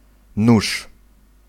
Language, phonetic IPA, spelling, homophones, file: Polish, [nuʃ], nuż, nóż, Pl-nuż.ogg